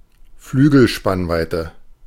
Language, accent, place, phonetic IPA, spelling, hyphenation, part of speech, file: German, Germany, Berlin, [ˈflyːɡl̩ˌʃpanvaɪ̯tə], Flügelspannweite, Flü‧gel‧spann‧wei‧te, noun, De-Flügelspannweite.ogg
- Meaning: wingspan, span (distance between the tips of the wings of an insect, bird or craft)